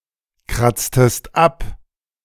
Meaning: inflection of abkratzen: 1. second-person singular preterite 2. second-person singular subjunctive II
- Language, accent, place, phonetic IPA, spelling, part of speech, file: German, Germany, Berlin, [ˌkʁat͡stəst ˈap], kratztest ab, verb, De-kratztest ab.ogg